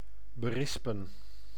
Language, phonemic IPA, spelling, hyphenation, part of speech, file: Dutch, /bəˈrɪspə(n)/, berispen, be‧ris‧pen, verb, Nl-berispen.ogg
- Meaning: to scold, reprimand